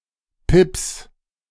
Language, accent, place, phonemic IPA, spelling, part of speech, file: German, Germany, Berlin, /pɪps/, Pips, noun, De-Pips.ogg
- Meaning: pip (bird disease)